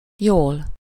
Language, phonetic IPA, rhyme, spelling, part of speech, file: Hungarian, [ˈjoːl], -oːl, jól, adverb, Hu-jól.ogg
- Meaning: well, fine